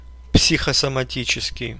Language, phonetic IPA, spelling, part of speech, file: Russian, [psʲɪxəsəmɐˈtʲit͡ɕɪskʲɪj], психосоматический, adjective, Ru-психосомати́ческий.ogg
- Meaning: psychosomatic (of physical effects with mental causes)